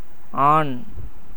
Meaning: 1. male 2. adult man
- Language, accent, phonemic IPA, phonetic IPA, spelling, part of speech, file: Tamil, India, /ɑːɳ/, [äːɳ], ஆண், noun, Ta-ஆண்.ogg